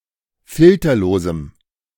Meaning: strong dative masculine/neuter singular of filterlos
- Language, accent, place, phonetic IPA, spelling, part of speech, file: German, Germany, Berlin, [ˈfɪltɐloːzm̩], filterlosem, adjective, De-filterlosem.ogg